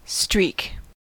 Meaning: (noun) 1. An irregular line, as is left from smearing or motion 2. An irregular line, as is left from smearing or motion.: A band, line or stripe 3. A continuous series of like events
- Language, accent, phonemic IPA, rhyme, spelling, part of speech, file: English, US, /stɹiːk/, -iːk, streak, noun / verb, En-us-streak.ogg